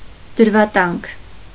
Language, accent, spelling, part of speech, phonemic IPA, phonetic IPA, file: Armenian, Eastern Armenian, դրվատանք, noun, /dəɾvɑˈtɑnkʰ/, [dəɾvɑtɑ́ŋkʰ], Hy-դրվատանք.ogg
- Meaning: praise